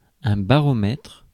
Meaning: barometer
- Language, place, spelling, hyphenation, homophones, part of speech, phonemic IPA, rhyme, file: French, Paris, baromètre, ba‧ro‧mètre, baromètres, noun, /ba.ʁɔ.mɛtʁ/, -ɛtʁ, Fr-baromètre.ogg